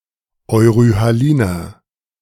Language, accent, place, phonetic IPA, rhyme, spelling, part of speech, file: German, Germany, Berlin, [ɔɪ̯ʁyhaˈliːnɐ], -iːnɐ, euryhaliner, adjective, De-euryhaliner.ogg
- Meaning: inflection of euryhalin: 1. strong/mixed nominative masculine singular 2. strong genitive/dative feminine singular 3. strong genitive plural